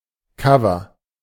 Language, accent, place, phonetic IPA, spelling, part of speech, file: German, Germany, Berlin, [ˈkavɐ], Cover, noun, De-Cover.ogg
- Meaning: 1. cover version, cover song 2. cover (front of a CD, DVD or magazine)